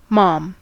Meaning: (noun) 1. Mother 2. Mother.: used as a term of address for one's wife 3. An adult female owner of a pet; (verb) To care for in a motherly way
- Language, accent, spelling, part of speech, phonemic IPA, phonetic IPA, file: English, US, mom, noun / verb, /mɑm/, [mɑ̃m], En-us-mom.ogg